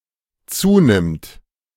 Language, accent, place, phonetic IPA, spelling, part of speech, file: German, Germany, Berlin, [ˈt͡suːˌnɪmt], zunimmt, verb, De-zunimmt.ogg
- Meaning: third-person singular dependent present of zunehmen